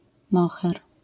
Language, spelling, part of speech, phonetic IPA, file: Polish, moher, noun, [ˈmɔxɛr], LL-Q809 (pol)-moher.wav